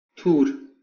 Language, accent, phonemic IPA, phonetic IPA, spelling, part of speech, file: Armenian, Eastern Armenian, /tʰuɾ/, [tʰuɾ], թուր, noun, Hy-EA-թուր.ogg
- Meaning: sword